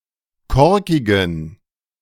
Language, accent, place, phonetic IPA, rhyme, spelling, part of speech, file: German, Germany, Berlin, [ˈkɔʁkɪɡn̩], -ɔʁkɪɡn̩, korkigen, adjective, De-korkigen.ogg
- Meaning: inflection of korkig: 1. strong genitive masculine/neuter singular 2. weak/mixed genitive/dative all-gender singular 3. strong/weak/mixed accusative masculine singular 4. strong dative plural